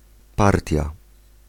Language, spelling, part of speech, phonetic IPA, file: Polish, partia, noun, [ˈpartʲja], Pl-partia.ogg